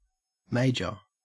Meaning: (adjective) 1. Greater in dignity, rank, importance, significance, or interest 2. Greater in number, quantity, or extent 3. Notable or conspicuous in effect or scope
- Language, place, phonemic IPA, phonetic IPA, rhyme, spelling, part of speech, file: English, Queensland, /ˈmeɪ.d͡ʒə(ɹ)/, [ˈmæɪ̯d͡ʒə(ɹ)], -eɪdʒə(ɹ), major, adjective / noun / verb, En-au-major.ogg